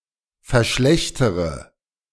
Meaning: inflection of verschlechtern: 1. first-person singular present 2. first/third-person singular subjunctive I 3. singular imperative
- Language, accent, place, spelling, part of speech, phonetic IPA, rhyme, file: German, Germany, Berlin, verschlechtere, verb, [fɛɐ̯ˈʃlɛçtəʁə], -ɛçtəʁə, De-verschlechtere.ogg